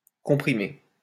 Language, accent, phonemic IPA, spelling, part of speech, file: French, France, /kɔ̃.pʁi.me/, comprimer, verb, LL-Q150 (fra)-comprimer.wav
- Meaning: to compress